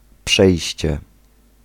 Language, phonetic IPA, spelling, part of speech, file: Polish, [ˈpʃɛjɕt͡ɕɛ], przejście, noun, Pl-przejście.ogg